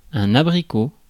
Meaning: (noun) 1. apricot (fruit) 2. apricot (color) 3. vulva, vagina, female genitalia
- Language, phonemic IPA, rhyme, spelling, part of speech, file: French, /a.bʁi.ko/, -o, abricot, noun / adjective, Fr-abricot.ogg